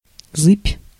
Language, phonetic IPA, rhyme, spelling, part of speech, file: Russian, [zɨpʲ], -ɨpʲ, зыбь, noun, Ru-зыбь.ogg
- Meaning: 1. ripple, swell (surface wave in the absence of wind) 2. wave (generally on the sea) 3. unstable surface, quagmire